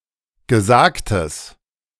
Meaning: strong/mixed nominative/accusative neuter singular of gesagt
- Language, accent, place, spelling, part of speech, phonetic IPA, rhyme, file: German, Germany, Berlin, gesagtes, adjective, [ɡəˈzaːktəs], -aːktəs, De-gesagtes.ogg